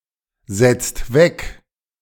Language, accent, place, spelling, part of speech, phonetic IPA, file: German, Germany, Berlin, setzt weg, verb, [ˌzɛtst ˌvɛk], De-setzt weg.ogg
- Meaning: inflection of wegsetzen: 1. second-person plural present 2. third-person singular present 3. plural imperative